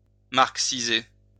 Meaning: to make Marxist, convert to Marxism
- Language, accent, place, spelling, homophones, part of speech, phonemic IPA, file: French, France, Lyon, marxiser, marxisai / marxisé / marxisée / marxisées / marxisés / marxisez, verb, /maʁk.si.ze/, LL-Q150 (fra)-marxiser.wav